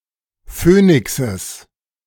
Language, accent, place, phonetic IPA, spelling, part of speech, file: German, Germany, Berlin, [ˈføːnɪksəs], Phönixes, noun, De-Phönixes.ogg
- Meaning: genitive singular of Phönix